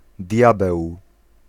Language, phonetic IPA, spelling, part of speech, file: Polish, [ˈdʲjabɛw], diabeł, noun, Pl-diabeł.ogg